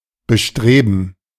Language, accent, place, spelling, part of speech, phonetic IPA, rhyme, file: German, Germany, Berlin, Bestreben, noun, [bəˈʃtʁeːbn̩], -eːbn̩, De-Bestreben.ogg
- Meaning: 1. gerund of bestreben 2. gerund of bestreben: endeavor